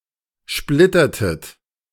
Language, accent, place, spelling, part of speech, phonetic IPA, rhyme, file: German, Germany, Berlin, splittertet, verb, [ˈʃplɪtɐtət], -ɪtɐtət, De-splittertet.ogg
- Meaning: inflection of splittern: 1. second-person plural preterite 2. second-person plural subjunctive II